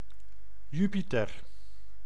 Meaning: 1. Jupiter (planet) 2. Jupiter (Roman god)
- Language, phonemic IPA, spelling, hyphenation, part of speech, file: Dutch, /ˈjy.piˌtɛr/, Jupiter, Ju‧pi‧ter, proper noun, Nl-Jupiter.ogg